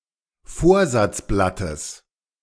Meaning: genitive of Vorsatzblatt
- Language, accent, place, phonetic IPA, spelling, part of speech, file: German, Germany, Berlin, [ˈfoːɐ̯zat͡sˌblatəs], Vorsatzblattes, noun, De-Vorsatzblattes.ogg